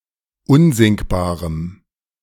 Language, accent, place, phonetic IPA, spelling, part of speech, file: German, Germany, Berlin, [ˈʊnzɪŋkbaːʁəm], unsinkbarem, adjective, De-unsinkbarem.ogg
- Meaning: strong dative masculine/neuter singular of unsinkbar